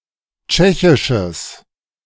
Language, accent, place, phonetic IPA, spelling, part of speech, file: German, Germany, Berlin, [ˈt͡ʃɛçɪʃəs], tschechisches, adjective, De-tschechisches.ogg
- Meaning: strong/mixed nominative/accusative neuter singular of tschechisch